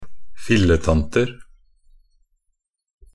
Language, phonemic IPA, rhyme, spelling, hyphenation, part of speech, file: Norwegian Bokmål, /fɪlːətantər/, -ər, filletanter, fil‧le‧tan‧ter, noun, Nb-filletanter.ogg
- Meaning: indefinite plural of filletante